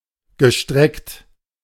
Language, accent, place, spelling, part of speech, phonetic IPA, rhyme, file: German, Germany, Berlin, gestreckt, verb, [ɡəˈʃtʁɛkt], -ɛkt, De-gestreckt.ogg
- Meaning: past participle of strecken